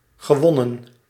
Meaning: past participle of winnen
- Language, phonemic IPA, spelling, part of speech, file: Dutch, /ɣəˈʋɔnə(n)/, gewonnen, verb, Nl-gewonnen.ogg